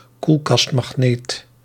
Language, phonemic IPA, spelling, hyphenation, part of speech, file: Dutch, /ˈkul.kɑst.mɑxˌneːt/, koelkastmagneet, koel‧kast‧mag‧neet, noun, Nl-koelkastmagneet.ogg
- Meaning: a refrigerator magnet